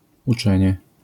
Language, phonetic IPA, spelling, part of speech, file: Polish, [uˈt͡ʃɛ̃ɲɛ], uczenie, noun / adverb, LL-Q809 (pol)-uczenie.wav